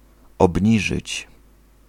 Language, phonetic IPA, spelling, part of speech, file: Polish, [ɔbʲˈɲiʒɨt͡ɕ], obniżyć, verb, Pl-obniżyć.ogg